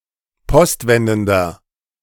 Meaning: inflection of postwendend: 1. strong/mixed nominative masculine singular 2. strong genitive/dative feminine singular 3. strong genitive plural
- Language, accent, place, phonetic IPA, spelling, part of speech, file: German, Germany, Berlin, [ˈpɔstˌvɛndn̩dɐ], postwendender, adjective, De-postwendender.ogg